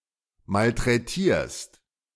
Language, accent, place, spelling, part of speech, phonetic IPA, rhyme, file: German, Germany, Berlin, malträtierst, verb, [maltʁɛˈtiːɐ̯st], -iːɐ̯st, De-malträtierst.ogg
- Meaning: second-person singular present of malträtieren